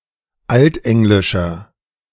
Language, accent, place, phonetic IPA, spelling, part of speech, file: German, Germany, Berlin, [ˈaltˌʔɛŋlɪʃɐ], altenglischer, adjective, De-altenglischer.ogg
- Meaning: inflection of altenglisch: 1. strong/mixed nominative masculine singular 2. strong genitive/dative feminine singular 3. strong genitive plural